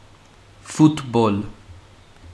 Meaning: association football
- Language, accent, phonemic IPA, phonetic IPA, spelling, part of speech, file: Armenian, Western Armenian, /futˈpol/, [futʰpʰól], ֆուտբոլ, noun, HyW-ֆուտբոլ.ogg